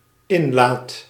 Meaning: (noun) intake (place where water, air etc are taken in); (verb) first/second/third-person singular dependent-clause present indicative of inlaten
- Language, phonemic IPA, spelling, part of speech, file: Dutch, /ˈɪnlaːt/, inlaat, noun / verb, Nl-inlaat.ogg